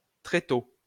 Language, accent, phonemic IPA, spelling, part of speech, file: French, France, /tʁe.to/, tréteau, noun, LL-Q150 (fra)-tréteau.wav
- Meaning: 1. trestle (a folding or fixed set of legs used to support a table-top or planks) 2. sawhorse 3. stage, theater